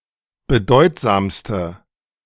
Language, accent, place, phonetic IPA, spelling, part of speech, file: German, Germany, Berlin, [bəˈdɔɪ̯tzaːmstə], bedeutsamste, adjective, De-bedeutsamste.ogg
- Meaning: inflection of bedeutsam: 1. strong/mixed nominative/accusative feminine singular superlative degree 2. strong nominative/accusative plural superlative degree